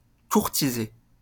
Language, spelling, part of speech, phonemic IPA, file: French, courtiser, verb, /kuʁ.ti.ze/, LL-Q150 (fra)-courtiser.wav
- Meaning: to court; to woo (to endeavor to gain someone's affection)